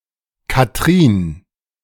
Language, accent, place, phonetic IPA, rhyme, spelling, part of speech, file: German, Germany, Berlin, [kaˈtʁiːn], -iːn, Katrin, proper noun, De-Katrin.ogg
- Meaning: a diminutive of the female given name Katharina